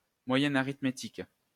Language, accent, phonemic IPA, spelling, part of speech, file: French, France, /mwa.jɛ.n‿a.ʁit.me.tik/, moyenne arithmétique, noun, LL-Q150 (fra)-moyenne arithmétique.wav
- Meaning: arithmetic mean